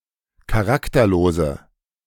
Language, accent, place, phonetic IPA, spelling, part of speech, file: German, Germany, Berlin, [kaˈʁaktɐˌloːzə], charakterlose, adjective, De-charakterlose.ogg
- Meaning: inflection of charakterlos: 1. strong/mixed nominative/accusative feminine singular 2. strong nominative/accusative plural 3. weak nominative all-gender singular